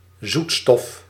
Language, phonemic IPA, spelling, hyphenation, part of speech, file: Dutch, /ˈzut.stɔf/, zoetstof, zoet‧stof, noun, Nl-zoetstof.ogg
- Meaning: sweetener